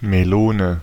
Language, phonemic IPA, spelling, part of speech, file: German, /meˈloːnə/, Melone, noun, De-Melone.ogg
- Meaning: 1. melon (plant, fruit) 2. bowler hat 3. melons: a woman’s breasts, especially when large